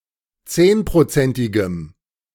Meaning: strong dative masculine/neuter singular of zehnprozentig
- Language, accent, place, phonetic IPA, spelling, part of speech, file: German, Germany, Berlin, [ˈt͡seːnpʁoˌt͡sɛntɪɡəm], zehnprozentigem, adjective, De-zehnprozentigem.ogg